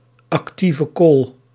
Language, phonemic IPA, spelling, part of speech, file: Dutch, /ɑkˈti.və ˈkoːl/, actieve kool, noun, Nl-actieve kool.ogg
- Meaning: activated carbon